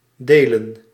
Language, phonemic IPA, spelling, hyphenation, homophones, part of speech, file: Dutch, /ˈdeːlə(n)/, delen, de‧len, Deelen, verb / noun, Nl-delen.ogg
- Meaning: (verb) 1. to divide, to split up 2. to share 3. to divide; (noun) plural of deel